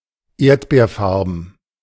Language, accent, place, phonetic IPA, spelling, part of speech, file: German, Germany, Berlin, [ˈeːɐ̯tbeːɐ̯ˌfaʁbn̩], erdbeerfarben, adjective, De-erdbeerfarben.ogg
- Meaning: strawberry-coloured